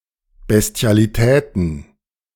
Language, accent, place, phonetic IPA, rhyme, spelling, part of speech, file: German, Germany, Berlin, [bɛsti̯aliˈtɛːtn̩], -ɛːtn̩, Bestialitäten, noun, De-Bestialitäten.ogg
- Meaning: plural of Bestialität